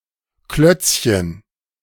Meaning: diminutive of Klotz
- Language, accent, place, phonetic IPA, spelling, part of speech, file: German, Germany, Berlin, [ˈklœt͡sçən], Klötzchen, noun, De-Klötzchen.ogg